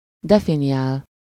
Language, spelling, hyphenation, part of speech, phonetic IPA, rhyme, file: Hungarian, definiál, de‧fi‧ni‧ál, verb, [ˈdɛfinijaːl], -aːl, Hu-definiál.ogg
- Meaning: to define